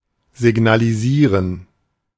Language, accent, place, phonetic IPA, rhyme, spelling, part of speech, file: German, Germany, Berlin, [zɪɡnaliˈziːʁən], -iːʁən, signalisieren, verb, De-signalisieren.ogg
- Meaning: to signal